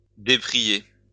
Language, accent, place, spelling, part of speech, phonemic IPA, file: French, France, Lyon, déprier, verb, /de.pʁi.je/, LL-Q150 (fra)-déprier.wav
- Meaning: to disinvite